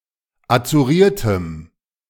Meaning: strong dative masculine/neuter singular of azuriert
- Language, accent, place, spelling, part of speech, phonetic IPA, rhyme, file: German, Germany, Berlin, azuriertem, adjective, [at͡suˈʁiːɐ̯təm], -iːɐ̯təm, De-azuriertem.ogg